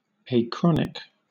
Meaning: 1. Timeless 2. Happening at sunset (of the rise or fall of a star; opposed to cosmic)
- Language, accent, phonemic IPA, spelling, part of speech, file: English, Southern England, /eɪˈkɹɒnɪk/, achronic, adjective, LL-Q1860 (eng)-achronic.wav